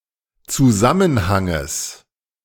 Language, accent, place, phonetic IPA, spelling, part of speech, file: German, Germany, Berlin, [t͡suˈzamənhaŋəs], Zusammenhanges, noun, De-Zusammenhanges.ogg
- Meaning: genitive singular of Zusammenhang